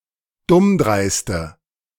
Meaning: inflection of dummdreist: 1. strong/mixed nominative/accusative feminine singular 2. strong nominative/accusative plural 3. weak nominative all-gender singular
- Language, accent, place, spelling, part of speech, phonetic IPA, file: German, Germany, Berlin, dummdreiste, adjective, [ˈdʊmˌdʁaɪ̯stə], De-dummdreiste.ogg